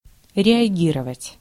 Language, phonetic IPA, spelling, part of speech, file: Russian, [rʲɪɐˈɡʲirəvətʲ], реагировать, verb, Ru-реагировать.ogg
- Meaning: to react, to respond